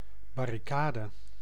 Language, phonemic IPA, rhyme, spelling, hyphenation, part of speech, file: Dutch, /ˌbɑ.riˈkaː.də/, -aːdə, barricade, bar‧ri‧ca‧de, noun, Nl-barricade.ogg
- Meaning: a barricade